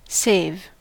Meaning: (verb) To prevent harm or difficulty.: 1. To help (somebody) to survive, or rescue (somebody or something) from harm 2. To keep (something) safe; to safeguard
- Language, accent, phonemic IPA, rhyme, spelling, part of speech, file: English, US, /seɪv/, -eɪv, save, verb / noun / preposition / conjunction, En-us-save.ogg